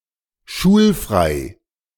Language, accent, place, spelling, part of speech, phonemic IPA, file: German, Germany, Berlin, schulfrei, adjective, /ˈʃuːlˌfʁaɪ̯/, De-schulfrei.ogg
- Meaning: free of teaching / lessons